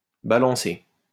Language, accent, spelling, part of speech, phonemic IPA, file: French, France, balancé, verb, /ba.lɑ̃.se/, LL-Q150 (fra)-balancé.wav
- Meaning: past participle of balancer